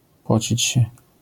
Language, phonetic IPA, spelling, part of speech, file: Polish, [ˈpɔt͡ɕit͡ɕ‿ɕɛ], pocić się, verb, LL-Q809 (pol)-pocić się.wav